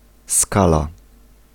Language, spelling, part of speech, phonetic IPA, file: Polish, skala, noun / verb, [ˈskala], Pl-skala.ogg